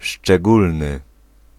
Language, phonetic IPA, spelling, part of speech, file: Polish, [ʃt͡ʃɛˈɡulnɨ], szczególny, adjective, Pl-szczególny.ogg